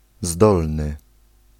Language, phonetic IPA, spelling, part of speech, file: Polish, [ˈzdɔlnɨ], zdolny, adjective, Pl-zdolny.ogg